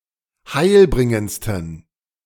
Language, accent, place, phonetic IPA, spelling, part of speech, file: German, Germany, Berlin, [ˈhaɪ̯lˌbʁɪŋənt͡stn̩], heilbringendsten, adjective, De-heilbringendsten.ogg
- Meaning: 1. superlative degree of heilbringend 2. inflection of heilbringend: strong genitive masculine/neuter singular superlative degree